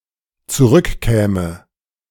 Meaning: first/third-person singular dependent subjunctive II of zurückkommen
- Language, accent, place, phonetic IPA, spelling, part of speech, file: German, Germany, Berlin, [t͡suˈʁʏkˌkɛːmə], zurückkäme, verb, De-zurückkäme.ogg